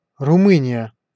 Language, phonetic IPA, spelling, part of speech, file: Russian, [rʊˈmɨnʲɪjə], Румыния, proper noun, Ru-Румыния.ogg
- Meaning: Romania (a country in Southeastern Europe)